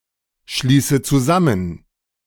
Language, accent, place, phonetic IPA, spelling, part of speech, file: German, Germany, Berlin, [ˌʃliːsə t͡suˈzamən], schließe zusammen, verb, De-schließe zusammen.ogg
- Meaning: inflection of zusammenschließen: 1. first-person singular present 2. first/third-person singular subjunctive I 3. singular imperative